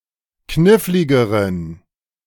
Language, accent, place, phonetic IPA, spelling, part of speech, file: German, Germany, Berlin, [ˈknɪflɪɡəʁən], kniffligeren, adjective, De-kniffligeren.ogg
- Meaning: inflection of knifflig: 1. strong genitive masculine/neuter singular comparative degree 2. weak/mixed genitive/dative all-gender singular comparative degree